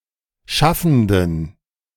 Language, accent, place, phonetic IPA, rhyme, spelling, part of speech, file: German, Germany, Berlin, [ˈʃafn̩dən], -afn̩dən, schaffenden, adjective, De-schaffenden.ogg
- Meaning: inflection of schaffend: 1. strong genitive masculine/neuter singular 2. weak/mixed genitive/dative all-gender singular 3. strong/weak/mixed accusative masculine singular 4. strong dative plural